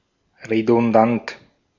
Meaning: redundant
- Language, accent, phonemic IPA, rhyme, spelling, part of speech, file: German, Austria, /ʁedʊnˈdant/, -ant, redundant, adjective, De-at-redundant.ogg